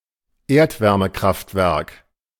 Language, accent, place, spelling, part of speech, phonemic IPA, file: German, Germany, Berlin, Erdwärmekraftwerk, noun, /ˈeːɐ̯tvɛʁməˌkʁaftvɛʁk/, De-Erdwärmekraftwerk.ogg
- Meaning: geothermal power plant